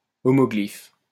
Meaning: homoglyph
- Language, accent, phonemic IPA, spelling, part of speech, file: French, France, /ɔ.mɔ.ɡlif/, homoglyphe, noun, LL-Q150 (fra)-homoglyphe.wav